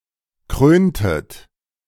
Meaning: inflection of krönen: 1. second-person plural preterite 2. second-person plural subjunctive II
- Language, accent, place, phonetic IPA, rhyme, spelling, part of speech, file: German, Germany, Berlin, [ˈkʁøːntət], -øːntət, kröntet, verb, De-kröntet.ogg